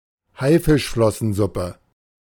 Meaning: shark fin soup
- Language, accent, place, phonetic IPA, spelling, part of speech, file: German, Germany, Berlin, [ˈhaɪ̯fɪʃflɔsn̩ˌzʊpə], Haifischflossensuppe, noun, De-Haifischflossensuppe.ogg